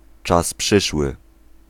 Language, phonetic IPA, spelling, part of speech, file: Polish, [ˈt͡ʃas ˈpʃɨʃwɨ], czas przyszły, noun, Pl-czas przyszły.ogg